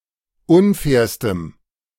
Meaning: strong dative masculine/neuter singular superlative degree of unfair
- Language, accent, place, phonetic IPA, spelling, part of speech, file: German, Germany, Berlin, [ˈʊnˌfɛːɐ̯stəm], unfairstem, adjective, De-unfairstem.ogg